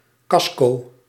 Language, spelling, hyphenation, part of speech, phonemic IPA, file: Dutch, casco, cas‧co, noun, /ˈkɑs.kɔː/, Nl-casco.ogg
- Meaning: shell of a building, car or ship